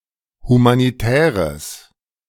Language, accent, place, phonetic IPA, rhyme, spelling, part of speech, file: German, Germany, Berlin, [humaniˈtɛːʁəs], -ɛːʁəs, humanitäres, adjective, De-humanitäres.ogg
- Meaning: strong/mixed nominative/accusative neuter singular of humanitär